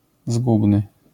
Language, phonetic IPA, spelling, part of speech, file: Polish, [ˈzɡubnɨ], zgubny, adjective, LL-Q809 (pol)-zgubny.wav